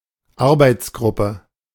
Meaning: 1. workgroup 2. gang (of workers) 3. task force
- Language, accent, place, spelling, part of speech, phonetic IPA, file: German, Germany, Berlin, Arbeitsgruppe, noun, [ˈaʁbaɪ̯t͡sˌɡʁʊpə], De-Arbeitsgruppe.ogg